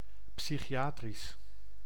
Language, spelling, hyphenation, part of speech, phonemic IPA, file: Dutch, psychiatrisch, psy‧chi‧a‧trisch, adjective, /ˌpsi.xiˈaː.tris/, Nl-psychiatrisch.ogg
- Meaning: psychiatric